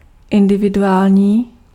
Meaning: individual (intended for a single person)
- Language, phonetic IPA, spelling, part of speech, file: Czech, [ˈɪndɪvɪduaːlɲiː], individuální, adjective, Cs-individuální.ogg